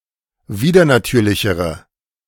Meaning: inflection of widernatürlich: 1. strong/mixed nominative/accusative feminine singular comparative degree 2. strong nominative/accusative plural comparative degree
- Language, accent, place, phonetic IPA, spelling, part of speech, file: German, Germany, Berlin, [ˈviːdɐnaˌtyːɐ̯lɪçəʁə], widernatürlichere, adjective, De-widernatürlichere.ogg